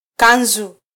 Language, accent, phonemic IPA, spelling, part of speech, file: Swahili, Kenya, /ˈkɑ.ⁿzu/, kanzu, noun, Sw-ke-kanzu.flac
- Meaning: kanzu